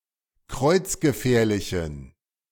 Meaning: inflection of kreuzgefährlich: 1. strong genitive masculine/neuter singular 2. weak/mixed genitive/dative all-gender singular 3. strong/weak/mixed accusative masculine singular 4. strong dative plural
- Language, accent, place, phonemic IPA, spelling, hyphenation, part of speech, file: German, Germany, Berlin, /ˈkʁɔɪ̯t͡s̯ɡəˌfɛːɐ̯lɪçn̩/, kreuzgefährlichen, kreuz‧ge‧fähr‧li‧chen, adjective, De-kreuzgefährlichen.ogg